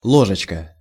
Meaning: diminutive of ло́жка (lóžka): little spoon; teaspoon
- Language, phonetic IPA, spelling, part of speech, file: Russian, [ˈɫoʐɨt͡ɕkə], ложечка, noun, Ru-ложечка.ogg